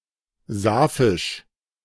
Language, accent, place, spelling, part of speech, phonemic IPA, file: German, Germany, Berlin, sapphisch, adjective, /ˈzapfɪʃ/, De-sapphisch.ogg
- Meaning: 1. Sapphic 2. sapphic